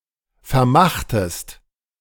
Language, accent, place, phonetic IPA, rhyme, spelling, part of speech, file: German, Germany, Berlin, [fɛɐ̯ˈmaxtəst], -axtəst, vermachtest, verb, De-vermachtest.ogg
- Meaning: inflection of vermachen: 1. second-person singular preterite 2. second-person singular subjunctive II